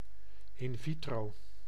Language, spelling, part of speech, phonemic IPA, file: Dutch, in vitro, prepositional phrase, /ɪn ˈvi.troː/, Nl-in vitro.ogg
- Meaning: in vitro